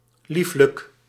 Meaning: lovely; beautiful
- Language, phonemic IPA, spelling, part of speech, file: Dutch, /ˈliflək/, lieflijk, adjective, Nl-lieflijk.ogg